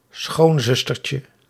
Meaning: diminutive of schoonzuster
- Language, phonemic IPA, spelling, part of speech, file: Dutch, /ˈsxonzʏstərcə/, schoonzustertje, noun, Nl-schoonzustertje.ogg